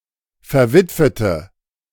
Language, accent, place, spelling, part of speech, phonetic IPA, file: German, Germany, Berlin, verwitwete, adjective, [fɛɐ̯ˈvɪtvətə], De-verwitwete.ogg
- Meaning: inflection of verwitwet: 1. strong/mixed nominative/accusative feminine singular 2. strong nominative/accusative plural 3. weak nominative all-gender singular